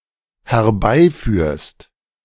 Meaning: second-person singular dependent present of herbeiführen
- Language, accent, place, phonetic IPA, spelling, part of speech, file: German, Germany, Berlin, [hɛɐ̯ˈbaɪ̯ˌfyːɐ̯st], herbeiführst, verb, De-herbeiführst.ogg